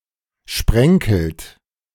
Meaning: inflection of sprenkeln: 1. third-person singular present 2. second-person plural present 3. plural imperative
- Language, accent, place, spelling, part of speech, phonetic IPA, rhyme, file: German, Germany, Berlin, sprenkelt, verb, [ˈʃpʁɛŋkl̩t], -ɛŋkl̩t, De-sprenkelt.ogg